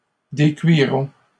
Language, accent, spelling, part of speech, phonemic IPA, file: French, Canada, décuirons, verb, /de.kɥi.ʁɔ̃/, LL-Q150 (fra)-décuirons.wav
- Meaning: first-person plural future of décuire